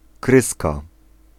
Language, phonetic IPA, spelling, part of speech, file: Polish, [ˈkrɨska], kryska, noun, Pl-kryska.ogg